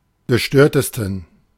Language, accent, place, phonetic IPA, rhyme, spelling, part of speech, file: German, Germany, Berlin, [ɡəˈʃtøːɐ̯təstn̩], -øːɐ̯təstn̩, gestörtesten, adjective, De-gestörtesten.ogg
- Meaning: 1. superlative degree of gestört 2. inflection of gestört: strong genitive masculine/neuter singular superlative degree